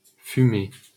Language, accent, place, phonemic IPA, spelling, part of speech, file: French, France, Paris, /fy.mɛ/, fumet, noun, LL-Q150 (fra)-fumet.wav
- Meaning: 1. aroma, odor (of meat etc.); bouquet (of wine) 2. scent